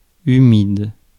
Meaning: 1. moist, humid 2. wet
- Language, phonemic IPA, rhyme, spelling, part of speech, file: French, /y.mid/, -id, humide, adjective, Fr-humide.ogg